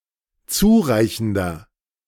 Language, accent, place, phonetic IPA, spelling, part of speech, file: German, Germany, Berlin, [ˈt͡suːˌʁaɪ̯çn̩dɐ], zureichender, adjective, De-zureichender.ogg
- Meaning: inflection of zureichend: 1. strong/mixed nominative masculine singular 2. strong genitive/dative feminine singular 3. strong genitive plural